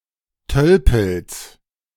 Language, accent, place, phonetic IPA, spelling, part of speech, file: German, Germany, Berlin, [ˈtœlpl̩s], Tölpels, noun, De-Tölpels.ogg
- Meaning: genitive singular of Tölpel